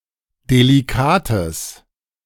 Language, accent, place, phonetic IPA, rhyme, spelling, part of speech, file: German, Germany, Berlin, [deliˈkaːtəs], -aːtəs, delikates, adjective, De-delikates.ogg
- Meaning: strong/mixed nominative/accusative neuter singular of delikat